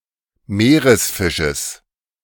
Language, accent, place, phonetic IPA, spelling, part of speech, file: German, Germany, Berlin, [ˈmeːʁəsˌfɪʃəs], Meeresfisches, noun, De-Meeresfisches.ogg
- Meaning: genitive of Meeresfisch